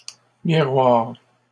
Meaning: plural of miroir
- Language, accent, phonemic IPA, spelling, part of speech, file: French, Canada, /mi.ʁwaʁ/, miroirs, noun, LL-Q150 (fra)-miroirs.wav